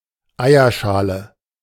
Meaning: eggshell
- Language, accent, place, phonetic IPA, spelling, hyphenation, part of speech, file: German, Germany, Berlin, [ˈaɪ̯ɐˌʃaːlə], Eierschale, Ei‧er‧scha‧le, noun, De-Eierschale.ogg